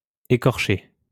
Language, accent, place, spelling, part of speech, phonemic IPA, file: French, France, Lyon, écorché, verb / adjective / noun, /e.kɔʁ.ʃe/, LL-Q150 (fra)-écorché.wav
- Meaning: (verb) past participle of écorcher; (adjective) 1. flayed, skinned 2. hypersensitive; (noun) écorché